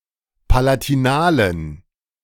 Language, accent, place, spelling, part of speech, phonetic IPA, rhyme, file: German, Germany, Berlin, palatinalen, adjective, [palatiˈnaːlən], -aːlən, De-palatinalen.ogg
- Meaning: inflection of palatinal: 1. strong genitive masculine/neuter singular 2. weak/mixed genitive/dative all-gender singular 3. strong/weak/mixed accusative masculine singular 4. strong dative plural